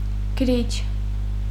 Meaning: 1. pen 2. copyist (of manuscripts) 3. scribe
- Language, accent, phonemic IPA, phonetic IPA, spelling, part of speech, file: Armenian, Eastern Armenian, /ɡəˈɾit͡ʃʰ/, [ɡəɾít͡ʃʰ], գրիչ, noun, Hy-գրիչ.ogg